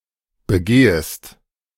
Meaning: second-person singular subjunctive I of begehen
- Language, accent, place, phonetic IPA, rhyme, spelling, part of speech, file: German, Germany, Berlin, [bəˈɡeːəst], -eːəst, begehest, verb, De-begehest.ogg